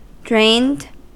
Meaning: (adjective) 1. Lacking motivation and energy; very tired; knackered 2. Of a battery, empty of charge; discharged; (verb) simple past and past participle of drain
- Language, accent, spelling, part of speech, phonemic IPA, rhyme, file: English, US, drained, adjective / verb, /dɹeɪnd/, -eɪnd, En-us-drained.ogg